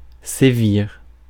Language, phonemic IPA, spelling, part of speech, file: French, /se.viʁ/, sévir, verb, Fr-sévir.ogg
- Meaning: 1. to crack down, clamp down 2. to rage 3. to be rife 4. to hold sway